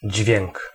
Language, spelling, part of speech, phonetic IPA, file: Polish, dźwięk, noun, [d͡ʑvʲjɛ̃ŋk], Pl-dźwięk.oga